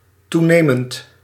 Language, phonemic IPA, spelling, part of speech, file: Dutch, /ˈtunemənt/, toenemend, verb / adjective, Nl-toenemend.ogg
- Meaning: present participle of toenemen